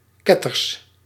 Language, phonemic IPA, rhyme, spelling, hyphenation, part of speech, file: Dutch, /ˈkɛ.tərs/, -ɛtərs, ketters, ket‧ters, adjective / noun, Nl-ketters.ogg
- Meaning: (adjective) heretic, heretical; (noun) plural of ketter